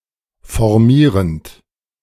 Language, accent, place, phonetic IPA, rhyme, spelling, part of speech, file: German, Germany, Berlin, [fɔʁˈmiːʁənt], -iːʁənt, formierend, verb, De-formierend.ogg
- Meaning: present participle of formieren